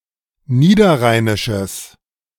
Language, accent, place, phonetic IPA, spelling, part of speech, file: German, Germany, Berlin, [ˈniːdɐˌʁaɪ̯nɪʃəs], niederrheinisches, adjective, De-niederrheinisches.ogg
- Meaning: strong/mixed nominative/accusative neuter singular of niederrheinisch